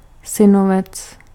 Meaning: nephew
- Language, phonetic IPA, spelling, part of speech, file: Czech, [ˈsɪnovɛt͡s], synovec, noun, Cs-synovec.ogg